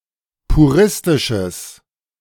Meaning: strong/mixed nominative/accusative neuter singular of puristisch
- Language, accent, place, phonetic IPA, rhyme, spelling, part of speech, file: German, Germany, Berlin, [puˈʁɪstɪʃəs], -ɪstɪʃəs, puristisches, adjective, De-puristisches.ogg